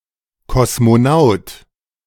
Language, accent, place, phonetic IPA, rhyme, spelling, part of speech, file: German, Germany, Berlin, [kɔsmoˈnaʊ̯t], -aʊ̯t, Kosmonaut, noun, De-Kosmonaut.ogg
- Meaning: cosmonaut